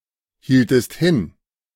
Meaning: inflection of hinhalten: 1. second-person singular preterite 2. second-person singular subjunctive II
- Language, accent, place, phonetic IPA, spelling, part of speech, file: German, Germany, Berlin, [ˌhiːltəst ˈhɪn], hieltest hin, verb, De-hieltest hin.ogg